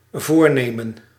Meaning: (noun) intention, resolve, resolution; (verb) to intend
- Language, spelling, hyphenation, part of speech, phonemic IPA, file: Dutch, voornemen, voor‧ne‧men, noun / verb, /ˈvoːrˌneː.mə(n)/, Nl-voornemen.ogg